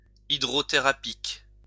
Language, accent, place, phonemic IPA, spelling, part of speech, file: French, France, Lyon, /i.dʁɔ.te.ʁa.pik/, hydrothérapique, adjective, LL-Q150 (fra)-hydrothérapique.wav
- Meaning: hydrotherapeutic